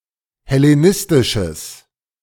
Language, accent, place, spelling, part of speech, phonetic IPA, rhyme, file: German, Germany, Berlin, hellenistisches, adjective, [hɛleˈnɪstɪʃəs], -ɪstɪʃəs, De-hellenistisches.ogg
- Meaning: strong/mixed nominative/accusative neuter singular of hellenistisch